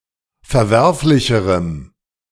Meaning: strong dative masculine/neuter singular comparative degree of verwerflich
- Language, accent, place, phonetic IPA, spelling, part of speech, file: German, Germany, Berlin, [fɛɐ̯ˈvɛʁflɪçəʁəm], verwerflicherem, adjective, De-verwerflicherem.ogg